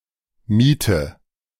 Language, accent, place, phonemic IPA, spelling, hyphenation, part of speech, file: German, Germany, Berlin, /ˈmiːtə/, Miete, Mie‧te, noun, De-Miete.ogg
- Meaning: 1. rent 2. clamp (heap of potatoes or other root vegetables stored under straw or earth)